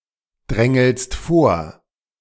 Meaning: second-person singular present of vordrängeln
- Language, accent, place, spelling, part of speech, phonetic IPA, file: German, Germany, Berlin, drängelst vor, verb, [ˌdʁɛŋl̩st ˈfoːɐ̯], De-drängelst vor.ogg